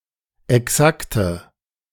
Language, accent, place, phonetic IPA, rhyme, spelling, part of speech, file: German, Germany, Berlin, [ɛˈksaktə], -aktə, exakte, adjective, De-exakte.ogg
- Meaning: inflection of exakt: 1. strong/mixed nominative/accusative feminine singular 2. strong nominative/accusative plural 3. weak nominative all-gender singular 4. weak accusative feminine/neuter singular